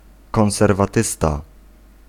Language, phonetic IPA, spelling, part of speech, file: Polish, [ˌkɔ̃w̃sɛrvaˈtɨsta], konserwatysta, noun, Pl-konserwatysta.ogg